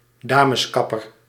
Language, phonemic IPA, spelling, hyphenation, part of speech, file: Dutch, /ˈdaː.məsˌkɑ.pər/, dameskapper, da‧mes‧kap‧per, noun, Nl-dameskapper.ogg
- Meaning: a women's hairdresser